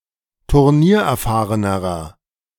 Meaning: inflection of turniererfahren: 1. strong/mixed nominative masculine singular comparative degree 2. strong genitive/dative feminine singular comparative degree
- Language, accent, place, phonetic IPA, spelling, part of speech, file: German, Germany, Berlin, [tʊʁˈniːɐ̯ʔɛɐ̯ˌfaːʁənəʁɐ], turniererfahrenerer, adjective, De-turniererfahrenerer.ogg